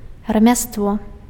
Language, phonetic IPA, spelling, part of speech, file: Belarusian, [ramʲastˈvo], рамяство, noun, Be-рамяство.ogg
- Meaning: craft